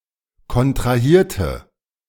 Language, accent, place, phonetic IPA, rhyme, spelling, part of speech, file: German, Germany, Berlin, [kɔntʁaˈhiːɐ̯tə], -iːɐ̯tə, kontrahierte, adjective / verb, De-kontrahierte.ogg
- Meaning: inflection of kontrahieren: 1. first/third-person singular preterite 2. first/third-person singular subjunctive II